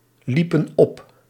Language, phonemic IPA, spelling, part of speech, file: Dutch, /ˈlipə(n) ˈɔp/, liepen op, verb, Nl-liepen op.ogg
- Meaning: inflection of oplopen: 1. plural past indicative 2. plural past subjunctive